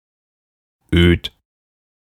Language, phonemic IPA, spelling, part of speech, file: German, /øːt/, öd, adjective, De-öd.ogg
- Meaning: alternative form of öde